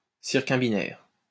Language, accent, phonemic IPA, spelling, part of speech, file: French, France, /siʁ.kɔ̃.bi.nɛʁ/, circumbinaire, adjective, LL-Q150 (fra)-circumbinaire.wav
- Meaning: circumbinary